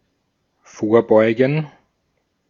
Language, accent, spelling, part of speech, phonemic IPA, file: German, Austria, vorbeugen, verb, /ˈfoːɐ̯ˌbɔɪ̯ɡn̩/, De-at-vorbeugen.ogg
- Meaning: 1. to prevent, obviate 2. to lean forward